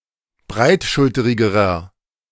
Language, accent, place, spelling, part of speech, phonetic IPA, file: German, Germany, Berlin, breitschulterigerer, adjective, [ˈbʁaɪ̯tˌʃʊltəʁɪɡəʁɐ], De-breitschulterigerer.ogg
- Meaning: inflection of breitschulterig: 1. strong/mixed nominative masculine singular comparative degree 2. strong genitive/dative feminine singular comparative degree